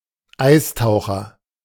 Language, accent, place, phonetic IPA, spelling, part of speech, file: German, Germany, Berlin, [ˈaɪ̯sˌtaʊ̯xɐ], Eistaucher, noun, De-Eistaucher.ogg
- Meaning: 1. great northern diver (Gavia immer) 2. ice diver